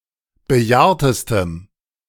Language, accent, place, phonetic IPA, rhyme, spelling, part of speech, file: German, Germany, Berlin, [bəˈjaːɐ̯təstəm], -aːɐ̯təstəm, bejahrtestem, adjective, De-bejahrtestem.ogg
- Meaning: strong dative masculine/neuter singular superlative degree of bejahrt